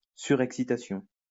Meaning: overexcitement
- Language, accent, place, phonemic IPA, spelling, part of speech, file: French, France, Lyon, /sy.ʁɛk.si.ta.sjɔ̃/, surexcitation, noun, LL-Q150 (fra)-surexcitation.wav